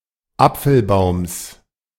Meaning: genitive singular of Apfelbaum
- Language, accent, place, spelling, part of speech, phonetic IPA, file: German, Germany, Berlin, Apfelbaums, noun, [ˈap͡fl̩ˌbaʊ̯ms], De-Apfelbaums.ogg